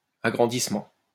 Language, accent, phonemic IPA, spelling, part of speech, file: French, France, /a.ɡʁɑ̃.dis.mɑ̃/, agrandissement, noun, LL-Q150 (fra)-agrandissement.wav
- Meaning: enlargement